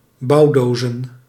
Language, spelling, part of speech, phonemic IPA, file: Dutch, bouwdozen, noun, /ˈbɑudozə(n)/, Nl-bouwdozen.ogg
- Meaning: plural of bouwdoos